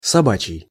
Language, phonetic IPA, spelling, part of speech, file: Russian, [sɐˈbat͡ɕɪj], собачий, adjective, Ru-собачий.ogg
- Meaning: dog; dog's, canine